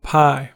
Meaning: The sixteenth letter of the Classical and Modern Greek alphabets and the seventeenth in Old Greek
- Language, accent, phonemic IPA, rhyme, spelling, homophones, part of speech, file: English, US, /paɪ/, -aɪ, pi, pie, noun, En-us-pi.ogg